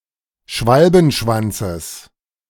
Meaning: genitive singular of Schwalbenschwanz
- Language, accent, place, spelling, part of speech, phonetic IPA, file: German, Germany, Berlin, Schwalbenschwanzes, noun, [ˈʃvalbn̩ˌʃvant͡səs], De-Schwalbenschwanzes.ogg